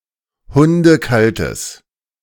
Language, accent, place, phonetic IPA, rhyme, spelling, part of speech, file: German, Germany, Berlin, [ˌhʊndəˈkaltəs], -altəs, hundekaltes, adjective, De-hundekaltes.ogg
- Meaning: strong/mixed nominative/accusative neuter singular of hundekalt